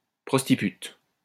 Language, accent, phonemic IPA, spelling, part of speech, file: French, France, /pʁɔs.ti.pyt/, prostipute, noun, LL-Q150 (fra)-prostipute.wav
- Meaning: whore (a person having sex for profit)